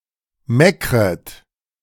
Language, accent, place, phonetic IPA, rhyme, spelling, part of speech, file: German, Germany, Berlin, [ˈmɛkʁət], -ɛkʁət, meckret, verb, De-meckret.ogg
- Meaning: second-person plural subjunctive I of meckern